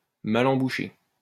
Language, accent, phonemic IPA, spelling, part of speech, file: French, France, /ma.l‿ɑ̃.bu.ʃe/, mal embouché, adjective, LL-Q150 (fra)-mal embouché.wav
- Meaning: foul-mouthed